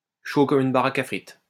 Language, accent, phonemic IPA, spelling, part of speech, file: French, France, /ʃo kɔm yn ba.ʁak a fʁit/, chaud comme une baraque à frites, adjective, LL-Q150 (fra)-chaud comme une baraque à frites.wav
- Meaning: 1. champing at the bit 2. hot to trot, up for it, gagging for it